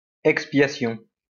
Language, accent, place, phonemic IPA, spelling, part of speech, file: French, France, Lyon, /ɛk.spja.sjɔ̃/, expiation, noun, LL-Q150 (fra)-expiation.wav
- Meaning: expiation